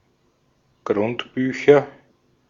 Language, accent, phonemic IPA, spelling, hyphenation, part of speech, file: German, Austria, /ɡʁʊntˈbyːçɐ/, Grundbücher, Grund‧bü‧cher, noun, De-at-Grundbücher.ogg
- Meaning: nominative/accusative/genitive plural of Grundbuch